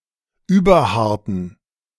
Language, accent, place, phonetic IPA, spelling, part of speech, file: German, Germany, Berlin, [ˈyːbɐˌhaʁtn̩], überharten, adjective, De-überharten.ogg
- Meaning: inflection of überhart: 1. strong genitive masculine/neuter singular 2. weak/mixed genitive/dative all-gender singular 3. strong/weak/mixed accusative masculine singular 4. strong dative plural